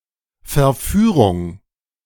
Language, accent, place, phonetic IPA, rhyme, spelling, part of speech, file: German, Germany, Berlin, [fɛɐ̯ˈfyːʁʊŋ], -yːʁʊŋ, Verführung, noun, De-Verführung.ogg
- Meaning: seduction